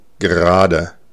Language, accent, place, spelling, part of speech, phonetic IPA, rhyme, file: German, Germany, Berlin, Grade, noun, [ˈɡʁaːdə], -aːdə, De-Grade.ogg
- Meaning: nominative/accusative/genitive plural of Grad